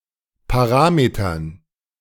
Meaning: dative plural of Parameter
- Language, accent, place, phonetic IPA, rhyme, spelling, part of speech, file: German, Germany, Berlin, [paˈʁaːmetɐn], -aːmetɐn, Parametern, noun, De-Parametern.ogg